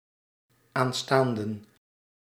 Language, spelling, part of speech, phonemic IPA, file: Dutch, aanstaanden, noun, /anˈstandə(n)/, Nl-aanstaanden.ogg
- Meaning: plural of aanstaande